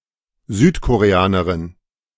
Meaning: female equivalent of Südkoreaner: female South Korean
- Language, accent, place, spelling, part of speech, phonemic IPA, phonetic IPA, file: German, Germany, Berlin, Südkoreanerin, noun, /zyːtkoʁeˈanɐʁɪn/, [zyːtʰkʰoʁeˈanɐʁɪn], De-Südkoreanerin.ogg